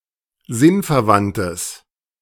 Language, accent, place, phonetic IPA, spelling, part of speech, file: German, Germany, Berlin, [ˈzɪnfɛɐ̯ˌvantəs], sinnverwandtes, adjective, De-sinnverwandtes.ogg
- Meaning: strong/mixed nominative/accusative neuter singular of sinnverwandt